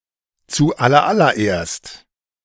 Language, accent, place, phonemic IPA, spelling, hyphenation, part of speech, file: German, Germany, Berlin, /t͡suːˌʔalɐˌʔalɐˈʔeːɐ̯st/, zuallerallererst, zu‧al‧ler‧al‧ler‧erst, adverb, De-zuallerallererst.ogg
- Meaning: first of all